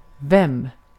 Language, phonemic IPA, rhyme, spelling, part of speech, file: Swedish, /vɛmː/, -ɛmː, vem, pronoun, Sv-vem.ogg
- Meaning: who, whom